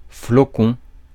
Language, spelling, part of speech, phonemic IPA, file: French, flocon, noun, /flɔ.kɔ̃/, Fr-flocon.ogg
- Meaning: 1. a flock (as of wool) 2. a snowflake, a small mass of falling snow 3. a flake of cereal, as of cornflakes